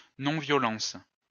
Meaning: nonviolence
- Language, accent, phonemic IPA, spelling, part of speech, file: French, France, /nɔ̃.vjɔ.lɑ̃s/, non-violence, noun, LL-Q150 (fra)-non-violence.wav